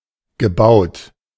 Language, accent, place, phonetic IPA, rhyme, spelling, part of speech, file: German, Germany, Berlin, [ɡəˈbaʊ̯t], -aʊ̯t, gebaut, adjective / verb, De-gebaut.ogg
- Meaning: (verb) past participle of bauen; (adjective) built